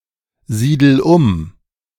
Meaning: inflection of umsiedeln: 1. first-person singular present 2. singular imperative
- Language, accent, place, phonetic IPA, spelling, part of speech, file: German, Germany, Berlin, [ˌziːdl̩ ˈʊm], siedel um, verb, De-siedel um.ogg